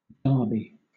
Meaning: 1. Any of several annual horse races 2. Any organized race 3. A bowler hat 4. A sports match between rival teams 5. A local derby
- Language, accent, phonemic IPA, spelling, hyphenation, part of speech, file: English, Southern England, /ˈdɑː.bi/, derby, der‧by, noun, LL-Q1860 (eng)-derby.wav